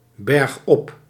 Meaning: uphill, moving up a slope
- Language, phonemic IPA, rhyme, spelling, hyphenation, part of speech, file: Dutch, /bɛrxˈɔp/, -ɔp, bergop, berg‧op, adverb, Nl-bergop.ogg